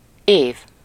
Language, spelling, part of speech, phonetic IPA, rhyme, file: Hungarian, év, noun, [ˈeːv], -eːv, Hu-év.ogg
- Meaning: year